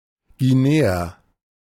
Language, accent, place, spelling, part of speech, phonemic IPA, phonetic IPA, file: German, Germany, Berlin, Guineer, noun, /ɡiˈneːər/, [ɡiˈneː.ɐ], De-Guineer.ogg
- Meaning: Guinean